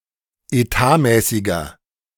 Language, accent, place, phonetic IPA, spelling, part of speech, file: German, Germany, Berlin, [eˈtaːˌmɛːsɪɡɐ], etatmäßiger, adjective, De-etatmäßiger.ogg
- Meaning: inflection of etatmäßig: 1. strong/mixed nominative masculine singular 2. strong genitive/dative feminine singular 3. strong genitive plural